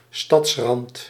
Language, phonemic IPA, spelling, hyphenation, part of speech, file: Dutch, /ˈstɑtsrɑnt/, stadsrand, stads‧rand, noun, Nl-stadsrand.ogg
- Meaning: the (often suburban) outskirts of a city